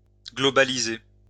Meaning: to globalise, to globalize
- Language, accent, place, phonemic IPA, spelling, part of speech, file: French, France, Lyon, /ɡlɔ.ba.li.ze/, globaliser, verb, LL-Q150 (fra)-globaliser.wav